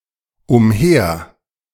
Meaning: around, round, about
- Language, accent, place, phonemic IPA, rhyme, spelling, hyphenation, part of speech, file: German, Germany, Berlin, /ʊmˈheːɐ̯/, -eːɐ̯, umher, um‧her, adverb, De-umher.ogg